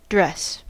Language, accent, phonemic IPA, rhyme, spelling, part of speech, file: English, General American, /dɹɛs/, -ɛs, dress, verb / noun, En-us-dress.ogg
- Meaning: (verb) To put clothes (or, formerly, armour) on (oneself or someone, a doll, a mannequin, etc.); to clothe